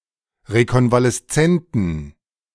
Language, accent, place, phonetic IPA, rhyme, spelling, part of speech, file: German, Germany, Berlin, [ʁekɔnvalɛsˈt͡sɛntn̩], -ɛntn̩, rekonvaleszenten, adjective, De-rekonvaleszenten.ogg
- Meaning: inflection of rekonvaleszent: 1. strong genitive masculine/neuter singular 2. weak/mixed genitive/dative all-gender singular 3. strong/weak/mixed accusative masculine singular 4. strong dative plural